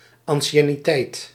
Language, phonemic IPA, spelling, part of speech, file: Dutch, /ˌɑn.ʃɛ.niˈtɛi̯t/, anciënniteit, noun, Nl-anciënniteit.ogg
- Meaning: 1. seniority, precedence by age or relevant experience 2. length of service, in an employ and/or position